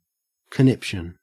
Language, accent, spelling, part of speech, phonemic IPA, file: English, Australia, conniption, noun, /kəˈnɪp.ʃən/, En-au-conniption.ogg
- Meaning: 1. A fit of anger or panic; conniption fit 2. A fit of laughing; convulsion